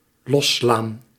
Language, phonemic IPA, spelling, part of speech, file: Dutch, /ˈlɔslaːn/, losslaan, verb, Nl-losslaan.ogg
- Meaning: 1. to knock open, to knock loose 2. to ram